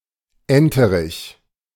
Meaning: drake (male duck)
- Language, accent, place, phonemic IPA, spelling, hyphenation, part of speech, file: German, Germany, Berlin, /ˈɛntəʁɪç/, Enterich, En‧te‧rich, noun, De-Enterich.ogg